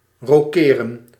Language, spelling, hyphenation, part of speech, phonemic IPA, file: Dutch, rokeren, ro‧ke‧ren, verb, /roːˈkeːrə(n)/, Nl-rokeren.ogg
- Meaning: to castle (perform the chess move of castling, in which one exchanges the king and a castle)